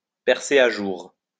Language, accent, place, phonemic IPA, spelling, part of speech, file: French, France, Lyon, /pɛʁ.se a ʒuʁ/, percer à jour, verb, LL-Q150 (fra)-percer à jour.wav
- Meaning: to see right through (someone)